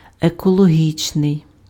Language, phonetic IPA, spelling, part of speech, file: Ukrainian, [ekɔɫoˈɦʲit͡ʃnei̯], екологічний, adjective, Uk-екологічний.ogg
- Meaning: ecological